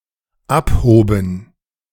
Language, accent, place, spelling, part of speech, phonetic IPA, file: German, Germany, Berlin, abhoben, verb, [ˈapˌhoːbn̩], De-abhoben.ogg
- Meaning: first/third-person plural dependent preterite of abheben